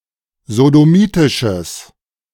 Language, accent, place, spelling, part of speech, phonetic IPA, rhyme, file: German, Germany, Berlin, sodomitisches, adjective, [zodoˈmiːtɪʃəs], -iːtɪʃəs, De-sodomitisches.ogg
- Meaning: strong/mixed nominative/accusative neuter singular of sodomitisch